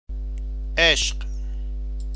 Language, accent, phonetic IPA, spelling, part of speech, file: Persian, Iran, [ʔeʃɢ̥], عشق, noun, Fa-عشق.ogg
- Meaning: 1. love (romantic emotion); passion 2. one's love, the beloved